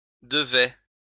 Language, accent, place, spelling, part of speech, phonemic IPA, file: French, France, Lyon, devaient, verb, /də.vɛ/, LL-Q150 (fra)-devaient.wav
- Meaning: third-person plural imperfect indicative of devoir